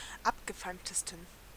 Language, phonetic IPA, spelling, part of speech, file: German, [ˈapɡəˌfaɪ̯mtəstn̩], abgefeimtesten, adjective, De-abgefeimtesten.ogg
- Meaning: 1. superlative degree of abgefeimt 2. inflection of abgefeimt: strong genitive masculine/neuter singular superlative degree